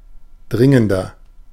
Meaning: 1. comparative degree of dringend 2. inflection of dringend: strong/mixed nominative masculine singular 3. inflection of dringend: strong genitive/dative feminine singular
- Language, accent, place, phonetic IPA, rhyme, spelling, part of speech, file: German, Germany, Berlin, [ˈdʁɪŋəndɐ], -ɪŋəndɐ, dringender, adjective, De-dringender.ogg